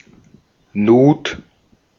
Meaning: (noun) 1. groove, slit, slot; rabbet 2. kerf; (proper noun) Nut
- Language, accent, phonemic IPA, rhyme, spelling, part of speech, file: German, Austria, /nuːt/, -uːt, Nut, noun / proper noun, De-at-Nut.ogg